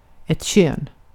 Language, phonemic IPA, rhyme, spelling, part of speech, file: Swedish, /ɕøːn/, -øːn, kön, noun, Sv-kön.ogg
- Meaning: 1. sex, gender 2. a sex organ; genitalia 3. gender